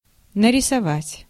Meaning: 1. to draw, to paint, to design, to crayon 2. to picture (imagine) 3. to depict, to paint, to portray
- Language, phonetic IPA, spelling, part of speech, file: Russian, [nərʲɪsɐˈvatʲ], нарисовать, verb, Ru-нарисовать.ogg